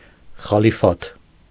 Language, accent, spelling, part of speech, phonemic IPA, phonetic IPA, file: Armenian, Eastern Armenian, խալիֆաթ, noun, /χɑliˈfɑtʰ/, [χɑlifɑ́tʰ], Hy-խալիֆաթ.ogg
- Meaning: caliphate